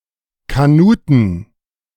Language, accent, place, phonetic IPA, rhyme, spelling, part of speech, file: German, Germany, Berlin, [kaˈnuːtn̩], -uːtn̩, Kanuten, noun, De-Kanuten.ogg
- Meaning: 1. genitive singular of Kanute 2. plural of Kanute